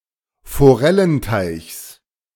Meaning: genitive singular of Forellenteich
- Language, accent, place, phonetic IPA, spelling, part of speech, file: German, Germany, Berlin, [foˈʁɛlənˌtaɪ̯çs], Forellenteichs, noun, De-Forellenteichs.ogg